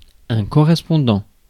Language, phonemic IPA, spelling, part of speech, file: French, /kɔ.ʁɛs.pɔ̃.dɑ̃/, correspondant, verb / noun / adjective, Fr-correspondant.ogg
- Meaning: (verb) present participle of correspondre; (noun) 1. pen pal 2. correspondent (journalist on the scene) 3. legal guardian; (adjective) 1. corresponding 2. congruent